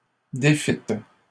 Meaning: second-person plural past historic of défaire
- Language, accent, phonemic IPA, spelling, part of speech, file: French, Canada, /de.fit/, défîtes, verb, LL-Q150 (fra)-défîtes.wav